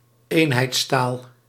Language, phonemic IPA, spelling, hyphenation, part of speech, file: Dutch, /ˈeːn.ɦɛi̯tsˌtaːl/, eenheidstaal, een‧heids‧taal, noun, Nl-eenheidstaal.ogg
- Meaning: unified language